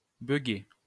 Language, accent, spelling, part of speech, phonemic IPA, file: French, France, bugger, verb, /bœ.ɡe/, LL-Q150 (fra)-bugger.wav
- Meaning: to malfunction, to glitch